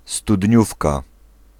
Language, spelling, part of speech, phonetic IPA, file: Polish, studniówka, noun, [stuˈdʲɲufka], Pl-studniówka.ogg